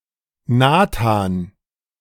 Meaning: 1. Nathan (biblical prophet) 2. a male given name
- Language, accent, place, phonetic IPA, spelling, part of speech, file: German, Germany, Berlin, [ˈnaːtaːn], Nathan, proper noun, De-Nathan.ogg